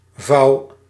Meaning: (noun) fold, crease; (verb) inflection of vouwen: 1. first-person singular present indicative 2. second-person singular present indicative 3. imperative
- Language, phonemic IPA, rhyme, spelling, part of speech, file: Dutch, /vɑu̯/, -ɑu̯, vouw, noun / verb, Nl-vouw.ogg